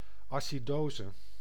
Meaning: acidosis (an abnormally increased acidity of the blood)
- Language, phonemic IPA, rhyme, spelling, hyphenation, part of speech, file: Dutch, /ˌɑ.siˈdoː.zə/, -oːzə, acidose, aci‧do‧se, noun, Nl-acidose.ogg